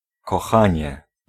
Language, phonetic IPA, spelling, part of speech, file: Polish, [kɔˈxãɲɛ], kochanie, noun / interjection, Pl-kochanie.ogg